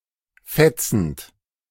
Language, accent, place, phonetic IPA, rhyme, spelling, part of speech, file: German, Germany, Berlin, [ˈfɛt͡sn̩t], -ɛt͡sn̩t, fetzend, verb, De-fetzend.ogg
- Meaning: present participle of fetzen